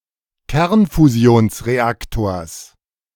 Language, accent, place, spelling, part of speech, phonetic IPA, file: German, Germany, Berlin, Kernfusionsreaktors, noun, [ˈkɛʁnfuzi̯oːnsʁeˌaktoːɐ̯s], De-Kernfusionsreaktors.ogg
- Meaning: genitive singular of Kernfusionsreaktor